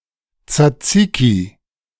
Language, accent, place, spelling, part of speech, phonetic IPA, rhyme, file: German, Germany, Berlin, Tsatsiki, noun, [t͡saˈt͡siːki], -iːki, De-Tsatsiki.ogg
- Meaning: alternative form of Zaziki